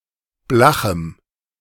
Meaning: strong dative masculine/neuter singular of blach
- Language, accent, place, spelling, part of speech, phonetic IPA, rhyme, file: German, Germany, Berlin, blachem, adjective, [ˈblaxm̩], -axm̩, De-blachem.ogg